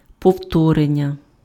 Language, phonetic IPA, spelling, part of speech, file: Ukrainian, [pɔu̯ˈtɔrenʲːɐ], повторення, noun, Uk-повторення.ogg
- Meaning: 1. repetition 2. reiteration 3. verbal noun of повтори́ти pf (povtorýty)